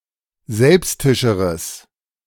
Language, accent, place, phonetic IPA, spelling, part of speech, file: German, Germany, Berlin, [ˈzɛlpstɪʃəʁəs], selbstischeres, adjective, De-selbstischeres.ogg
- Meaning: strong/mixed nominative/accusative neuter singular comparative degree of selbstisch